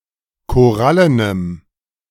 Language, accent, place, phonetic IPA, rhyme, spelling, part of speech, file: German, Germany, Berlin, [koˈʁalənəm], -alənəm, korallenem, adjective, De-korallenem.ogg
- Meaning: strong dative masculine/neuter singular of korallen